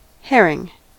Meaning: 1. A type of small, oily fish of the genus Clupea, often used as food 2. Fish in the family Clupeidae
- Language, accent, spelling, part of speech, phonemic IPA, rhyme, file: English, US, herring, noun, /ˈhɛɹɪŋ/, -ɛɹɪŋ, En-us-herring.ogg